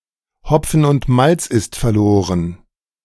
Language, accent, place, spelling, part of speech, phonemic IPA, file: German, Germany, Berlin, Hopfen und Malz ist verloren, phrase, /ˈhɔpfən ʊnt ˈmalts ɪst fərˈloːrən/, De-Hopfen und Malz ist verloren.ogg
- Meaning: it's a waste, all hope is in vain